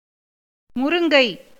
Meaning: moringa, drumstick, horseradish tree
- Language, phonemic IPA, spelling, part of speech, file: Tamil, /mʊɾʊŋɡɐɪ̯/, முருங்கை, noun, Ta-முருங்கை.ogg